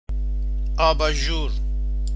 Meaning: lampshade
- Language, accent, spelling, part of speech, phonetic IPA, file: Persian, Iran, آباژور, noun, [ʔɒː.bɒː.ʒúːɹ], Fa-آباژور.ogg